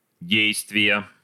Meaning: inflection of де́йствие (déjstvije): 1. genitive singular 2. nominative/accusative plural
- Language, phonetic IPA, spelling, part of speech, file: Russian, [ˈdʲejstvʲɪjə], действия, noun, Ru-действия.ogg